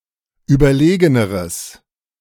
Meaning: strong/mixed nominative/accusative neuter singular comparative degree of überlegen
- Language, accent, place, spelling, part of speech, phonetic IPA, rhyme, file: German, Germany, Berlin, überlegeneres, adjective, [ˌyːbɐˈleːɡənəʁəs], -eːɡənəʁəs, De-überlegeneres.ogg